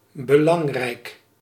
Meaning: important
- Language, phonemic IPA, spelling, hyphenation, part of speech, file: Dutch, /bəˈlɑŋ.rɛi̯k/, belangrijk, be‧lang‧rijk, adjective, Nl-belangrijk.ogg